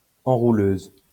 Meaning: feminine singular of enrouleur
- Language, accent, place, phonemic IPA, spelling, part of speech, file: French, France, Lyon, /ɑ̃.ʁu.løz/, enrouleuse, adjective, LL-Q150 (fra)-enrouleuse.wav